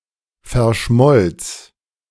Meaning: first/third-person singular preterite of verschmelzen
- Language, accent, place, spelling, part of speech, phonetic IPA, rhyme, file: German, Germany, Berlin, verschmolz, verb, [fɛɐ̯ˈʃmɔlt͡s], -ɔlt͡s, De-verschmolz.ogg